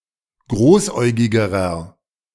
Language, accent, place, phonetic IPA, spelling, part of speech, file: German, Germany, Berlin, [ˈɡʁoːsˌʔɔɪ̯ɡɪɡəʁɐ], großäugigerer, adjective, De-großäugigerer.ogg
- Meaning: inflection of großäugig: 1. strong/mixed nominative masculine singular comparative degree 2. strong genitive/dative feminine singular comparative degree 3. strong genitive plural comparative degree